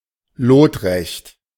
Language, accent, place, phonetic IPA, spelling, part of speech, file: German, Germany, Berlin, [ˈloːtˌʁɛçt], lotrecht, adjective, De-lotrecht.ogg
- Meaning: 1. perpendicular 2. plumb, vertical